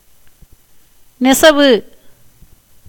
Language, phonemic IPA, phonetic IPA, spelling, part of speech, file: Tamil, /nɛtʃɐʋɯ/, [ne̞sɐʋɯ], நெசவு, noun, Ta-நெசவு.ogg
- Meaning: 1. weaving, act of weaving 2. texture, intertexture, web